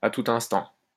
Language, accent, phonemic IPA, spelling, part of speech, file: French, France, /a tu.t‿ɛ̃s.tɑ̃/, à tout instant, adverb, LL-Q150 (fra)-à tout instant.wav
- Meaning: at any time, anytime, any time now, any minute now